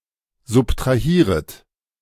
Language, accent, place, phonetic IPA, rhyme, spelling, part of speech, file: German, Germany, Berlin, [zʊptʁaˈhiːʁət], -iːʁət, subtrahieret, verb, De-subtrahieret.ogg
- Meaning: second-person plural subjunctive I of subtrahieren